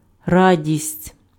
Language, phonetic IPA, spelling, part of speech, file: Ukrainian, [ˈradʲisʲtʲ], радість, noun, Uk-радість.ogg
- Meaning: joy, delight